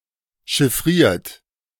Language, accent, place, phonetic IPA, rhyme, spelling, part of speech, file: German, Germany, Berlin, [ʃɪˈfʁiːɐ̯t], -iːɐ̯t, chiffriert, verb, De-chiffriert.ogg
- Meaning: 1. past participle of chiffrieren 2. inflection of chiffrieren: third-person singular present 3. inflection of chiffrieren: second-person plural present 4. inflection of chiffrieren: plural imperative